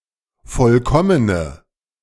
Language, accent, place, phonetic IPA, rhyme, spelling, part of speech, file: German, Germany, Berlin, [ˈfɔlkɔmənə], -ɔmənə, vollkommene, adjective, De-vollkommene.ogg
- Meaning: inflection of vollkommen: 1. strong/mixed nominative/accusative feminine singular 2. strong nominative/accusative plural 3. weak nominative all-gender singular